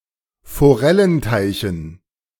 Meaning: dative plural of Forellenteich
- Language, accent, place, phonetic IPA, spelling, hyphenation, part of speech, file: German, Germany, Berlin, [foˈʁɛlənˌtaɪ̯çn̩], Forellenteichen, Fo‧rel‧len‧tei‧chen, noun, De-Forellenteichen.ogg